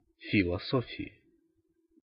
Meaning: inflection of филосо́фия (filosófija): 1. genitive/dative/prepositional singular 2. nominative/accusative plural
- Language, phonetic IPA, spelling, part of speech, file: Russian, [fʲɪɫɐˈsofʲɪɪ], философии, noun, Ru-философии.ogg